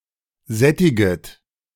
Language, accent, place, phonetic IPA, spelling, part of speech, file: German, Germany, Berlin, [ˈzɛtɪɡət], sättiget, verb, De-sättiget.ogg
- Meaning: second-person plural subjunctive I of sättigen